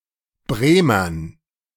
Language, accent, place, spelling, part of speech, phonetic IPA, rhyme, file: German, Germany, Berlin, Bremern, noun, [ˈbʁeːmɐn], -eːmɐn, De-Bremern.ogg
- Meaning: dative plural of Bremer